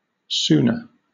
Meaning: the wide ceremonial belt, with hanging zigzag ribbons, worn by a yokozuna
- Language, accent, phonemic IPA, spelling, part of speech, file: English, Southern England, /ˈ(t)suːnə/, tsuna, noun, LL-Q1860 (eng)-tsuna.wav